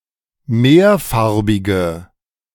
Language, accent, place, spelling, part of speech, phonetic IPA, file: German, Germany, Berlin, mehrfarbige, adjective, [ˈmeːɐ̯ˌfaʁbɪɡə], De-mehrfarbige.ogg
- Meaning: inflection of mehrfarbig: 1. strong/mixed nominative/accusative feminine singular 2. strong nominative/accusative plural 3. weak nominative all-gender singular